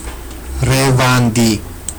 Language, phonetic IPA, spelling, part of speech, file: Georgian, [ɾe̞vändi], რევანდი, noun, Ka-revandi.ogg
- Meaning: rhubarb